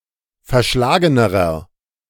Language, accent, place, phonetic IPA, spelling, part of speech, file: German, Germany, Berlin, [fɛɐ̯ˈʃlaːɡənəʁɐ], verschlagenerer, adjective, De-verschlagenerer.ogg
- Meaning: inflection of verschlagen: 1. strong/mixed nominative masculine singular comparative degree 2. strong genitive/dative feminine singular comparative degree 3. strong genitive plural comparative degree